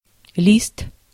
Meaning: 1. leaf (flat green organ of a plant) 2. sheet (thin, flat, inexpansible solid object) 3. sheet, leaf, page (of a printed material, usually large and unbound) 4. certificate, deed, list
- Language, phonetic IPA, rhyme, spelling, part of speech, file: Russian, [lʲist], -ist, лист, noun, Ru-лист.ogg